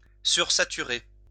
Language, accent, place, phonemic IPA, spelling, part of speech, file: French, France, Lyon, /syʁ.sa.ty.ʁe/, sursaturer, verb, LL-Q150 (fra)-sursaturer.wav
- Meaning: to supersaturate